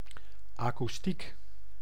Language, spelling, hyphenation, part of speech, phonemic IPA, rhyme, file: Dutch, akoestiek, akoes‧tiek, noun, /ˌaː.kuˈstik/, -ik, Nl-akoestiek.ogg
- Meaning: 1. the acoustics, quality of a space (such as absorption and echo-effects) for hearing music and other sounds 2. the physics branch acoustics, which studies the above